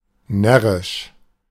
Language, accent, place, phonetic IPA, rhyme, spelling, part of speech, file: German, Germany, Berlin, [ˈnɛʁɪʃ], -ɛʁɪʃ, närrisch, adjective, De-närrisch.ogg
- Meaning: 1. silly, crazy, strange (of ideas, dreams, people, etc.) 2. having to do with German carnival (Fasching)